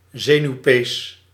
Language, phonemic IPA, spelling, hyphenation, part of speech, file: Dutch, /ˈzeː.nyu̯ˌpeːs/, zenuwpees, ze‧nuw‧pees, noun, Nl-zenuwpees.ogg
- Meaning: habitually nervous, fidgety person; neurotic